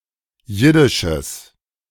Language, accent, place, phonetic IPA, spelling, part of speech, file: German, Germany, Berlin, [ˈjɪdɪʃəs], jiddisches, adjective, De-jiddisches.ogg
- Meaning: strong/mixed nominative/accusative neuter singular of jiddisch